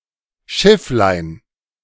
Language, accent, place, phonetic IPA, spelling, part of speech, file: German, Germany, Berlin, [ˈʃɪflaɪ̯n], Schifflein, noun, De-Schifflein.ogg
- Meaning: diminutive of Schiff